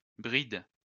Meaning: plural of bride
- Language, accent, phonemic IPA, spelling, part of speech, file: French, France, /bʁid/, brides, noun, LL-Q150 (fra)-brides.wav